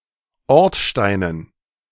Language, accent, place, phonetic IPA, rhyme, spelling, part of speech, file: German, Germany, Berlin, [ˈɔʁtˌʃtaɪ̯nən], -ɔʁtʃtaɪ̯nən, Ortsteinen, noun, De-Ortsteinen.ogg
- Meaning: dative plural of Ortstein